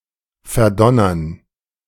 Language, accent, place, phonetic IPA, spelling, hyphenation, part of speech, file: German, Germany, Berlin, [fɛɐ̯ˈdɔnɐn], verdonnern, ver‧don‧nern, verb, De-verdonnern.ogg
- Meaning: 1. to compel 2. to sentence